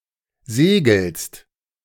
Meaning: second-person singular present of segeln
- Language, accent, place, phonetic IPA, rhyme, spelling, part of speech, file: German, Germany, Berlin, [ˈzeːɡl̩st], -eːɡl̩st, segelst, verb, De-segelst.ogg